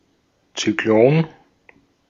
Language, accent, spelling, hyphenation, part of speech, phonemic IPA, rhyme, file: German, Austria, Zyklon, Zy‧k‧lon, noun, /t͡syˈkloːn/, -oːn, De-at-Zyklon.ogg
- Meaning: cyclone